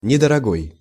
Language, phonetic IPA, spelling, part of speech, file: Russian, [nʲɪdərɐˈɡoj], недорогой, adjective, Ru-недорогой.ogg
- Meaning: inexpensive